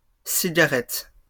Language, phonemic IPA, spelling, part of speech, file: French, /si.ɡa.ʁɛt/, cigarettes, noun, LL-Q150 (fra)-cigarettes.wav
- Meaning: plural of cigarette